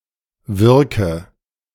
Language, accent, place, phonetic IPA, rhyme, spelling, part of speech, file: German, Germany, Berlin, [ˈvɪʁkə], -ɪʁkə, wirke, verb, De-wirke.ogg
- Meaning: inflection of wirken: 1. first-person singular present 2. singular imperative 3. first/third-person singular subjunctive I